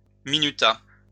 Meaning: third-person singular past historic of minuter
- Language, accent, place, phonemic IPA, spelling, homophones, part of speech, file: French, France, Lyon, /mi.ny.ta/, minuta, minutas / minutât, verb, LL-Q150 (fra)-minuta.wav